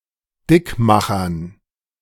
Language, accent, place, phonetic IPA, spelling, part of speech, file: German, Germany, Berlin, [ˈdɪkˌmaxɐn], Dickmachern, noun, De-Dickmachern.ogg
- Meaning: dative plural of Dickmacher